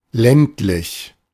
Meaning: rural
- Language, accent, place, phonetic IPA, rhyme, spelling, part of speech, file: German, Germany, Berlin, [ˈlɛntlɪç], -ɛntlɪç, ländlich, adjective, De-ländlich.ogg